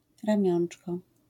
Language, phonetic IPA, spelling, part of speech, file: Polish, [rãˈmʲjɔ̃n͇t͡ʃkɔ], ramiączko, noun, LL-Q809 (pol)-ramiączko.wav